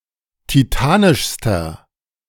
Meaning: inflection of titanisch: 1. strong/mixed nominative masculine singular superlative degree 2. strong genitive/dative feminine singular superlative degree 3. strong genitive plural superlative degree
- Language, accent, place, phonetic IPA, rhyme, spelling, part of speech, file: German, Germany, Berlin, [tiˈtaːnɪʃstɐ], -aːnɪʃstɐ, titanischster, adjective, De-titanischster.ogg